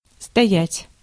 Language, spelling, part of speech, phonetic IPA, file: Russian, стоять, verb, [stɐˈjætʲ], Ru-стоять.ogg
- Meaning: 1. to stand 2. to be situated (usually about a towering or potentially towering object) 3. to be in a certain place within a formal structure 4. to firmly follow or adhere